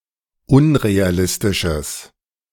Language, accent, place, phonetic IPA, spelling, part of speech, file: German, Germany, Berlin, [ˈʊnʁeaˌlɪstɪʃəs], unrealistisches, adjective, De-unrealistisches.ogg
- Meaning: strong/mixed nominative/accusative neuter singular of unrealistisch